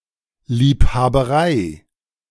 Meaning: hobby, any prolonged activity motivated by delight it provides
- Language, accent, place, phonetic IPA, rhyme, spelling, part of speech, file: German, Germany, Berlin, [ˌliːphaːbəˈʁaɪ̯], -aɪ̯, Liebhaberei, noun, De-Liebhaberei.ogg